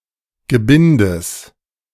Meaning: genitive singular of Gebinde
- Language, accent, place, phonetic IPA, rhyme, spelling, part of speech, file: German, Germany, Berlin, [ɡəˈbɪndəs], -ɪndəs, Gebindes, noun, De-Gebindes.ogg